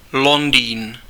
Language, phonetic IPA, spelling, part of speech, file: Czech, [ˈlondiːn], Londýn, proper noun, Cs-Londýn.ogg
- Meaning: London (the capital city of the United Kingdom; the capital city of England)